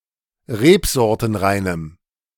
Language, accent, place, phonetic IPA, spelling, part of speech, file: German, Germany, Berlin, [ˈʁeːpzɔʁtənˌʁaɪ̯nəm], rebsortenreinem, adjective, De-rebsortenreinem.ogg
- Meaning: strong dative masculine/neuter singular of rebsortenrein